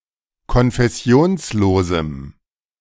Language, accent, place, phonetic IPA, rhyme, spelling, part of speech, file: German, Germany, Berlin, [kɔnfɛˈsi̯oːnsˌloːzm̩], -oːnsloːzm̩, konfessionslosem, adjective, De-konfessionslosem.ogg
- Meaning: strong dative masculine/neuter singular of konfessionslos